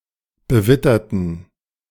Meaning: inflection of bewittert: 1. strong genitive masculine/neuter singular 2. weak/mixed genitive/dative all-gender singular 3. strong/weak/mixed accusative masculine singular 4. strong dative plural
- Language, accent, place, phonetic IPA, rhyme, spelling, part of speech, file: German, Germany, Berlin, [bəˈvɪtɐtn̩], -ɪtɐtn̩, bewitterten, adjective, De-bewitterten.ogg